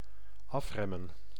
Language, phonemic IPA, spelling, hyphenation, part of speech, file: Dutch, /ˈɑfrɛmə(n)/, afremmen, af‧rem‧men, verb, Nl-afremmen.ogg
- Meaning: to slow down